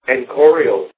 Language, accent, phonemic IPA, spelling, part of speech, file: English, US, /ɛnˈkoɹ.i.əl/, enchorial, adjective, En-us-enchorial.ogg
- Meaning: 1. Indigenous, native 2. Of, relating to, or written in the Egyptian Demotic script or language